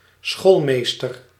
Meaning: 1. a schoolmaster, male schoolteacher 2. a pedantic person
- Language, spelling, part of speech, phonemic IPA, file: Dutch, schoolmeester, noun, /ˈsxolmestər/, Nl-schoolmeester.ogg